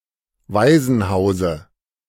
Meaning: dative of Waisenhaus
- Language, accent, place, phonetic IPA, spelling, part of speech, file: German, Germany, Berlin, [ˈvaɪ̯zn̩ˌhaʊ̯zə], Waisenhause, noun, De-Waisenhause.ogg